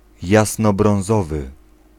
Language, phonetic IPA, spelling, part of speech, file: Polish, [ˌjasnɔbrɔ̃w̃ˈzɔvɨ], jasnobrązowy, adjective, Pl-jasnobrązowy.ogg